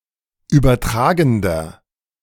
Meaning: inflection of übertragend: 1. strong/mixed nominative masculine singular 2. strong genitive/dative feminine singular 3. strong genitive plural
- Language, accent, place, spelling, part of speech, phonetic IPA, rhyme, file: German, Germany, Berlin, übertragender, adjective, [ˌyːbɐˈtʁaːɡn̩dɐ], -aːɡn̩dɐ, De-übertragender.ogg